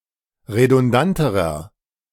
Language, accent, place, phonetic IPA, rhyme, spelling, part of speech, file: German, Germany, Berlin, [ʁedʊnˈdantəʁɐ], -antəʁɐ, redundanterer, adjective, De-redundanterer.ogg
- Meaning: inflection of redundant: 1. strong/mixed nominative masculine singular comparative degree 2. strong genitive/dative feminine singular comparative degree 3. strong genitive plural comparative degree